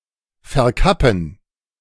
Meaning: 1. To cap 2. To disguise, closet
- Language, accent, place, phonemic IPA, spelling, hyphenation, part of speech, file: German, Germany, Berlin, /fɛɐ̯ˈkapn̩/, verkappen, ver‧kap‧pen, verb, De-verkappen.ogg